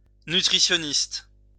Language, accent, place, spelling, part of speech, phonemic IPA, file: French, France, Lyon, nutritionniste, noun, /ny.tʁi.sjɔ.nist/, LL-Q150 (fra)-nutritionniste.wav
- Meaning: nutritionist (an expert or specialist in nutrition)